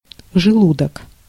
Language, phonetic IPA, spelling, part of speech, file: Russian, [ʐɨˈɫudək], желудок, noun, Ru-желудок.ogg
- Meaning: stomach (alimentary organ)